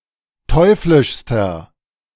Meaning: inflection of teuflisch: 1. strong/mixed nominative masculine singular superlative degree 2. strong genitive/dative feminine singular superlative degree 3. strong genitive plural superlative degree
- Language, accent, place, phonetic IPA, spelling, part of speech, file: German, Germany, Berlin, [ˈtɔɪ̯flɪʃstɐ], teuflischster, adjective, De-teuflischster.ogg